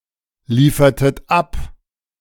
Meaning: inflection of abliefern: 1. second-person plural preterite 2. second-person plural subjunctive II
- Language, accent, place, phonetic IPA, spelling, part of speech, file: German, Germany, Berlin, [ˌliːfɐtət ˈap], liefertet ab, verb, De-liefertet ab.ogg